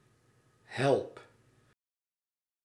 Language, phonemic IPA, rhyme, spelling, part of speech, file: Dutch, /ɦɛlp/, -ɛlp, help, interjection / verb, Nl-help.ogg
- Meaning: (interjection) help!; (verb) inflection of helpen: 1. first-person singular present indicative 2. second-person singular present indicative 3. imperative